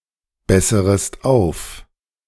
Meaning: second-person singular subjunctive I of aufbessern
- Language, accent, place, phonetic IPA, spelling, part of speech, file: German, Germany, Berlin, [ˌbɛsəʁəst ˈaʊ̯f], besserest auf, verb, De-besserest auf.ogg